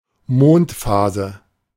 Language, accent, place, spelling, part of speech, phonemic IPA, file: German, Germany, Berlin, Mondphase, noun, /ˈmoːntˌfaːzə/, De-Mondphase.ogg
- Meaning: lunar phase